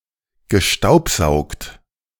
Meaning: past participle of staubsaugen
- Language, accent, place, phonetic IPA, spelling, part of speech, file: German, Germany, Berlin, [ɡəˈʃtaʊ̯pˌzaʊ̯kt], gestaubsaugt, verb, De-gestaubsaugt.ogg